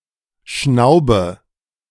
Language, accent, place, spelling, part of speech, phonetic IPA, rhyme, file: German, Germany, Berlin, schnaube, verb, [ˈʃnaʊ̯bə], -aʊ̯bə, De-schnaube.ogg
- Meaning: inflection of schnauben: 1. first-person singular present 2. first/third-person singular subjunctive I 3. singular imperative